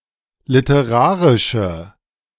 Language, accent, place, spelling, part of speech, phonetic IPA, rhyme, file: German, Germany, Berlin, literarische, adjective, [lɪtəˈʁaːʁɪʃə], -aːʁɪʃə, De-literarische.ogg
- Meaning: inflection of literarisch: 1. strong/mixed nominative/accusative feminine singular 2. strong nominative/accusative plural 3. weak nominative all-gender singular